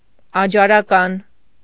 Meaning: Adjaran
- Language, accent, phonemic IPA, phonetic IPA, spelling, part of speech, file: Armenian, Eastern Armenian, /ɑd͡ʒɑɾɑˈkɑn/, [ɑd͡ʒɑɾɑkɑ́n], աջարական, adjective, Hy-աջարական.ogg